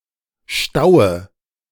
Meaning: nominative/accusative/genitive plural of Stau
- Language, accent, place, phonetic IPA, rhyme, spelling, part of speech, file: German, Germany, Berlin, [ˈʃtaʊ̯ə], -aʊ̯ə, Staue, noun, De-Staue.ogg